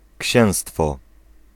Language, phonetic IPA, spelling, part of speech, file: Polish, [ˈcɕɛ̃w̃stfɔ], księstwo, noun, Pl-księstwo.ogg